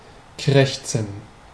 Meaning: to croak; to caw
- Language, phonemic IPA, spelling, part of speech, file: German, /ˈkʁɛçtsn̩/, krächzen, verb, De-krächzen.ogg